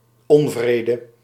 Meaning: 1. displeasure, unease 2. quarrel
- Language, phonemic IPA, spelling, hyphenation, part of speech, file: Dutch, /ˈɔɱvredə/, onvrede, on‧vre‧de, noun, Nl-onvrede.ogg